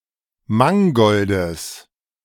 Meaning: genitive of Mangold
- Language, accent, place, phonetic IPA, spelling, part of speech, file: German, Germany, Berlin, [ˈmaŋɡɔldəs], Mangoldes, noun, De-Mangoldes.ogg